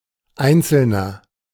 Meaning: nominalization of einzelner: individual (a single human being)
- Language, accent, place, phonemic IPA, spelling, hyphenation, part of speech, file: German, Germany, Berlin, /ˈaɪ̯nt͡sl̩nɐ/, Einzelner, Ein‧zel‧ner, noun, De-Einzelner.ogg